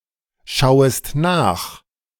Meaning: second-person singular subjunctive I of nachschauen
- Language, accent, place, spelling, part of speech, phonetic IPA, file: German, Germany, Berlin, schauest nach, verb, [ˌʃaʊ̯əst ˈnaːx], De-schauest nach.ogg